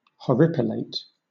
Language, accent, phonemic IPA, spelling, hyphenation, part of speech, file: English, Southern England, /hɒˈɹɪpɪˌleɪt/, horripilate, hor‧ri‧pi‧late, verb, LL-Q1860 (eng)-horripilate.wav
- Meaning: To bristle in fear or horror; to have goose bumps or goose pimples